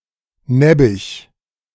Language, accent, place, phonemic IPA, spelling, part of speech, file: German, Germany, Berlin, /ˈnɛbɪç/, nebbich, interjection, De-nebbich.ogg
- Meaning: so what; whatever; big deal; who cares